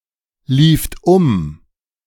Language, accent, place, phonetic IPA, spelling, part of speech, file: German, Germany, Berlin, [ˌliːft ˈʊm], lieft um, verb, De-lieft um.ogg
- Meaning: second-person plural preterite of umlaufen